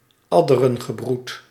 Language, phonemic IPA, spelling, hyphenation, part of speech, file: Dutch, /ˈɑ.də.rə(n).ɣəˌbrut/, adderengebroed, ad‧de‧ren‧ge‧broed, noun, Nl-adderengebroed.ogg
- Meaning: alternative form of addergebroed